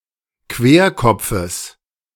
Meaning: genitive singular of Querkopf
- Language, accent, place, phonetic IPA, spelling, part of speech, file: German, Germany, Berlin, [ˈkveːɐ̯ˌkɔp͡fəs], Querkopfes, noun, De-Querkopfes.ogg